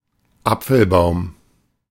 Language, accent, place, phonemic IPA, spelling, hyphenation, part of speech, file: German, Germany, Berlin, /ˈap͡fl̩ˌbaʊ̯m/, Apfelbaum, Ap‧fel‧baum, noun / proper noun, De-Apfelbaum.ogg
- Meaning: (noun) apple tree; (proper noun) a surname